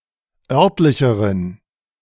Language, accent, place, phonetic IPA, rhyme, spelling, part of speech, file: German, Germany, Berlin, [ˈœʁtlɪçəʁən], -œʁtlɪçəʁən, örtlicheren, adjective, De-örtlicheren.ogg
- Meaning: inflection of örtlich: 1. strong genitive masculine/neuter singular comparative degree 2. weak/mixed genitive/dative all-gender singular comparative degree